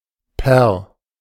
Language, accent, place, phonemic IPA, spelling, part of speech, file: German, Germany, Berlin, /pɛr/, per, preposition, De-per.ogg
- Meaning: 1. by, by means of, through, via 2. by (a date) 3. per, for (each)